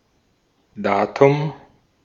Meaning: 1. date (specific day for an event to take place) 2. datum (singular piece of information, especially numerical)
- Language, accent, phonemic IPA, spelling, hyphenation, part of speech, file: German, Austria, /ˈdaːtʊm/, Datum, Da‧tum, noun, De-at-Datum.ogg